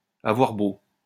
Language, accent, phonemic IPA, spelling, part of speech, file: French, France, /a.vwaʁ bo/, avoir beau, verb, LL-Q150 (fra)-avoir beau.wav
- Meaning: may well, well might (+ infinitive); whatever, no matter what (even though) someone does/says, etc